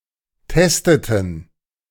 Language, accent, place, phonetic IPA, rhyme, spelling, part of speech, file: German, Germany, Berlin, [ˈtɛstətn̩], -ɛstətn̩, testeten, verb, De-testeten.ogg
- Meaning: inflection of testen: 1. first/third-person plural preterite 2. first/third-person plural subjunctive II